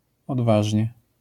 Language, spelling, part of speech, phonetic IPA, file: Polish, odważnie, adverb, [ɔdˈvaʒʲɲɛ], LL-Q809 (pol)-odważnie.wav